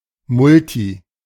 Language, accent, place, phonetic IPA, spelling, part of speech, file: German, Germany, Berlin, [ˈmʊlti], multi-, prefix, De-multi-.ogg
- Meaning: multi-